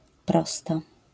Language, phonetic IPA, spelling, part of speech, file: Polish, [ˈprɔsta], prosta, noun / adjective, LL-Q809 (pol)-prosta.wav